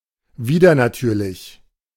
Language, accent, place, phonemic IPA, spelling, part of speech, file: German, Germany, Berlin, /ˈviːdɐnaˌtyːɐ̯lɪç/, widernatürlich, adjective, De-widernatürlich.ogg
- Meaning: contrary to nature, especially (though not exclusively) of sexual behaviour; perverse; degenerate; abnormal; unnatural